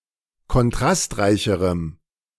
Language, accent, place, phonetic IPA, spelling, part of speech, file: German, Germany, Berlin, [kɔnˈtʁastˌʁaɪ̯çəʁəm], kontrastreicherem, adjective, De-kontrastreicherem.ogg
- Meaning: strong dative masculine/neuter singular comparative degree of kontrastreich